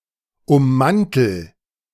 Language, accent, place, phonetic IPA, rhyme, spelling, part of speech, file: German, Germany, Berlin, [ʊmˈmantl̩], -antl̩, ummantel, verb, De-ummantel.ogg
- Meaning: inflection of ummanteln: 1. first-person singular present 2. singular imperative